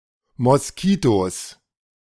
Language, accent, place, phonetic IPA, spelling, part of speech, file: German, Germany, Berlin, [mɔsˈkiːtoːs], Moskitos, noun, De-Moskitos.ogg
- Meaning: plural of Moskito